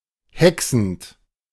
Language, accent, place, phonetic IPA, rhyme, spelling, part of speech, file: German, Germany, Berlin, [ˈhɛksn̩t], -ɛksn̩t, hexend, verb, De-hexend.ogg
- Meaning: present participle of hexen